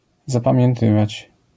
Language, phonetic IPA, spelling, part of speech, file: Polish, [ˌzapãmʲjɛ̃nˈtɨvat͡ɕ], zapamiętywać, verb, LL-Q809 (pol)-zapamiętywać.wav